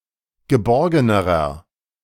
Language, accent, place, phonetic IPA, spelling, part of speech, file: German, Germany, Berlin, [ɡəˈbɔʁɡənəʁɐ], geborgenerer, adjective, De-geborgenerer.ogg
- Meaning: inflection of geborgen: 1. strong/mixed nominative masculine singular comparative degree 2. strong genitive/dative feminine singular comparative degree 3. strong genitive plural comparative degree